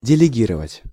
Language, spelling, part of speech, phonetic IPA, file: Russian, делегировать, verb, [dʲɪlʲɪˈɡʲirəvətʲ], Ru-делегировать.ogg
- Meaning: 1. to send as a delegate 2. to delegate